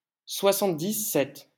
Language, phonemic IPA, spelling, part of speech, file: French, /swa.sɑ̃t.di.sɛt/, soixante-dix-sept, numeral, LL-Q150 (fra)-soixante-dix-sept.wav
- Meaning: seventy-seven